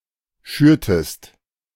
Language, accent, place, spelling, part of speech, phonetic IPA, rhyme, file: German, Germany, Berlin, schürtest, verb, [ˈʃyːɐ̯təst], -yːɐ̯təst, De-schürtest.ogg
- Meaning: inflection of schüren: 1. second-person singular preterite 2. second-person singular subjunctive II